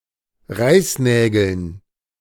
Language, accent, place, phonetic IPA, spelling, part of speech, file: German, Germany, Berlin, [ˈʁaɪ̯sˌnɛːɡl̩n], Reißnägeln, noun, De-Reißnägeln.ogg
- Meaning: dative plural of Reißnagel